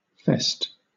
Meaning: 1. A gathering for a specified reason or occasion 2. An event in which the act denoted by the previous noun occurs
- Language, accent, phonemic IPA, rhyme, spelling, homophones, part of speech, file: English, Southern England, /fɛst/, -ɛst, fest, fessed / -fest, noun, LL-Q1860 (eng)-fest.wav